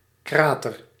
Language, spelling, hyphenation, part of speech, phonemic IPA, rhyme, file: Dutch, krater, kra‧ter, noun, /ˈkraː.tər/, -aːtər, Nl-krater.ogg
- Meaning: 1. meteoric crater 2. volcanic crater 3. crater caused by an explosion 4. krater (Ancient Greek vessel)